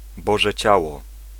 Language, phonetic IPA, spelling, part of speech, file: Polish, [ˈbɔʒɛ ˈt͡ɕawɔ], Boże Ciało, noun, Pl-Boże Ciało.ogg